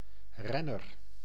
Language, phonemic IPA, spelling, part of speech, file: Dutch, /ˈrɛnər/, renner, noun, Nl-renner.ogg
- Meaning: 1. runner, one who runs 2. racer; especially short for a competitive wielrenner 'cyclist'